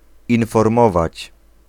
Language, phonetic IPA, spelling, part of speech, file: Polish, [ˌĩnfɔrˈmɔvat͡ɕ], informować, verb, Pl-informować.ogg